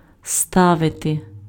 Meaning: 1. to put, to place, to set 2. to build
- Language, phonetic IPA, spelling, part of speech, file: Ukrainian, [ˈstaʋete], ставити, verb, Uk-ставити.ogg